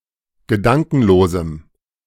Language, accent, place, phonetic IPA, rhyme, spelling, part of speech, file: German, Germany, Berlin, [ɡəˈdaŋkn̩loːzm̩], -aŋkn̩loːzm̩, gedankenlosem, adjective, De-gedankenlosem.ogg
- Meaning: strong dative masculine/neuter singular of gedankenlos